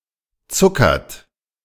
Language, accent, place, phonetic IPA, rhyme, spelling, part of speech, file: German, Germany, Berlin, [ˈt͡sʊkɐt], -ʊkɐt, zuckert, verb, De-zuckert.ogg
- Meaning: inflection of zuckern: 1. third-person singular present 2. second-person plural present 3. plural imperative